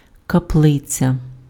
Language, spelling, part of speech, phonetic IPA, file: Ukrainian, каплиця, noun, [kɐˈpɫɪt͡sʲɐ], Uk-каплиця.ogg
- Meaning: chapel